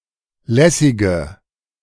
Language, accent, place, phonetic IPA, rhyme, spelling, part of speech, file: German, Germany, Berlin, [ˈlɛsɪɡə], -ɛsɪɡə, lässige, adjective, De-lässige.ogg
- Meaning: inflection of lässig: 1. strong/mixed nominative/accusative feminine singular 2. strong nominative/accusative plural 3. weak nominative all-gender singular 4. weak accusative feminine/neuter singular